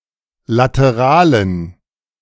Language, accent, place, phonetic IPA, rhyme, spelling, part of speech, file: German, Germany, Berlin, [ˌlatəˈʁaːlən], -aːlən, lateralen, adjective, De-lateralen.ogg
- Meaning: inflection of lateral: 1. strong genitive masculine/neuter singular 2. weak/mixed genitive/dative all-gender singular 3. strong/weak/mixed accusative masculine singular 4. strong dative plural